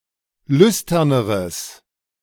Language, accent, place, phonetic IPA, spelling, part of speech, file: German, Germany, Berlin, [ˈlʏstɐnəʁəs], lüsterneres, adjective, De-lüsterneres.ogg
- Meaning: strong/mixed nominative/accusative neuter singular comparative degree of lüstern